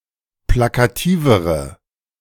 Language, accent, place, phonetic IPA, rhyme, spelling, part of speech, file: German, Germany, Berlin, [ˌplakaˈtiːvəʁə], -iːvəʁə, plakativere, adjective, De-plakativere.ogg
- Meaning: inflection of plakativ: 1. strong/mixed nominative/accusative feminine singular comparative degree 2. strong nominative/accusative plural comparative degree